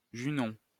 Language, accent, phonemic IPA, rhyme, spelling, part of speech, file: French, France, /ʒy.nɔ̃/, -ɔ̃, Junon, proper noun, LL-Q150 (fra)-Junon.wav
- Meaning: 1. Juno (goddess) 2. Juno, the third asteroid discovered